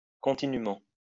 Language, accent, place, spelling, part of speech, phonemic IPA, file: French, France, Lyon, continument, adverb, /kɔ̃.ti.ny.mɑ̃/, LL-Q150 (fra)-continument.wav
- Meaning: post-1990 spelling of continûment